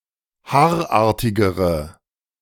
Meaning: inflection of haarartig: 1. strong/mixed nominative/accusative feminine singular comparative degree 2. strong nominative/accusative plural comparative degree
- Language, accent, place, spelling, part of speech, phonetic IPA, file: German, Germany, Berlin, haarartigere, adjective, [ˈhaːɐ̯ˌʔaːɐ̯tɪɡəʁə], De-haarartigere.ogg